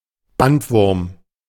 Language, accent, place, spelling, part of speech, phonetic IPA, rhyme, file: German, Germany, Berlin, Bandwurm, noun, [ˈbantˌvʊʁm], -antvʊʁm, De-Bandwurm.ogg
- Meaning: tapeworm